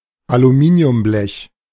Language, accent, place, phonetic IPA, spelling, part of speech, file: German, Germany, Berlin, [aluˈmiːni̯ʊmˌblɛç], Aluminiumblech, noun, De-Aluminiumblech.ogg
- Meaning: aluminium sheet